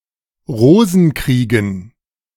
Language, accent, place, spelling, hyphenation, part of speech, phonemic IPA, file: German, Germany, Berlin, Rosenkriegen, Ro‧sen‧krie‧gen, noun, /ˈʁoːzn̩ˌkʁiːɡən/, De-Rosenkriegen.ogg
- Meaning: dative plural of Rosenkrieg